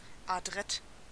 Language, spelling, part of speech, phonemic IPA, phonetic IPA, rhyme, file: German, adrett, adjective, /aˈdʁɛt/, [ʔaˈdʁɛt], -ɛt, De-adrett.ogg
- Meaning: neat, tidy, clean-cut (relating to clothing or appearance)